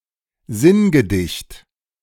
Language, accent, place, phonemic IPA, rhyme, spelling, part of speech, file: German, Germany, Berlin, /ˈzɪnɡəˌdɪçt/, -ɪçt, Sinngedicht, noun, De-Sinngedicht.ogg
- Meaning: epigram